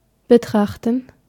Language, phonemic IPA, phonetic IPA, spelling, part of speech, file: German, /bəˈtʁaxtən/, [bəˈtʰʁaxtn̩], betrachten, verb, De-betrachten.ogg
- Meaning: 1. to look at, to consider, to behold 2. to regard, to consider, look upon (something in a certain way)